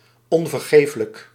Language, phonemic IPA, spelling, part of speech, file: Dutch, /ˌɔɱvərˈɣeflək/, onvergeeflijk, adjective, Nl-onvergeeflijk.ogg
- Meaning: unforgivable